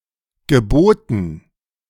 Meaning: 1. past participle of bieten 2. past participle of gebieten
- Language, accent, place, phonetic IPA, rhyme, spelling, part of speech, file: German, Germany, Berlin, [ɡəˈboːtn̩], -oːtn̩, geboten, verb, De-geboten.ogg